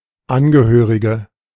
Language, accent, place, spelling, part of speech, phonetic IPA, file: German, Germany, Berlin, Angehörige, noun, [ˈanɡəˌhøːʁɪɡə], De-Angehörige.ogg
- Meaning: female equivalent of Angehöriger: female relative/next of kin/relation; female member (of an organization): female national (of a country)